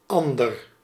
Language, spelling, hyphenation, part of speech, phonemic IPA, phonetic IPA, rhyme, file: Dutch, ander, an‧der, adjective / pronoun, /ˈɑn.dər/, [ˈɑ̃.dər], -ɑndər, Nl-ander.ogg
- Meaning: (adjective) 1. other 2. different 3. second; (pronoun) another, another person, someone else